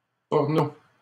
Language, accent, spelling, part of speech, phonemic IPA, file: French, Canada, porno, noun, /pɔʁ.no/, LL-Q150 (fra)-porno.wav
- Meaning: 1. porno; porn 2. porn movie, skin flick, blue movie